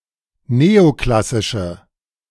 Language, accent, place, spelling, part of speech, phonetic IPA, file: German, Germany, Berlin, neoklassische, adjective, [ˈneːoˌklasɪʃə], De-neoklassische.ogg
- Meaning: inflection of neoklassisch: 1. strong/mixed nominative/accusative feminine singular 2. strong nominative/accusative plural 3. weak nominative all-gender singular